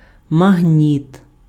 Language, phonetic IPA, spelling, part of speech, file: Ukrainian, [mɐɦˈnʲit], магніт, noun, Uk-магніт.ogg
- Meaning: magnet